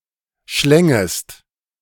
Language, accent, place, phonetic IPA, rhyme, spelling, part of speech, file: German, Germany, Berlin, [ˈʃlɛŋəst], -ɛŋəst, schlängest, verb, De-schlängest.ogg
- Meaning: second-person singular subjunctive I of schlingen